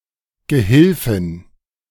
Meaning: female equivalent of Gehilfe
- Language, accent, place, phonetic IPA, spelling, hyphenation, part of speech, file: German, Germany, Berlin, [ɡəˈhɪlfɪn], Gehilfin, Ge‧hil‧fin, noun, De-Gehilfin.ogg